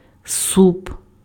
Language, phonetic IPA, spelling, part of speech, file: Ukrainian, [sup], суп, noun, Uk-суп.ogg
- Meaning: soup